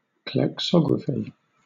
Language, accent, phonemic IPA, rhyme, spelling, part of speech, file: English, Southern England, /klɛkˈsɒɡɹəfi/, -ɒɡɹəfi, klecksography, noun, LL-Q1860 (eng)-klecksography.wav
- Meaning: The art of making images from inkblots